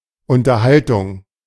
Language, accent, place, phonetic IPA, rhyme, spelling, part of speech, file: German, Germany, Berlin, [ʊntɐˈhaltʊŋ], -altʊŋ, Unterhaltung, noun, De-Unterhaltung.ogg
- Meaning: 1. conversation 2. entertainment